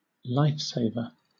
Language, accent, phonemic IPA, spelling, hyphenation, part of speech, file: English, Southern England, /ˈlaɪfˌseɪvə/, lifesaver, life‧saver, noun, LL-Q1860 (eng)-lifesaver.wav
- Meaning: Someone or something that saves lives.: 1. A lifeguard or other rescuer 2. A life buoy 3. Any lifesaving tool or item of supplies